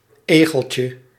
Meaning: diminutive of egel
- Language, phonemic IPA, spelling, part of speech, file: Dutch, /ˈeɣəlcə/, egeltje, noun, Nl-egeltje.ogg